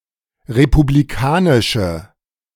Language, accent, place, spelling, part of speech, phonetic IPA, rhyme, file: German, Germany, Berlin, republikanische, adjective, [ʁepubliˈkaːnɪʃə], -aːnɪʃə, De-republikanische.ogg
- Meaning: inflection of republikanisch: 1. strong/mixed nominative/accusative feminine singular 2. strong nominative/accusative plural 3. weak nominative all-gender singular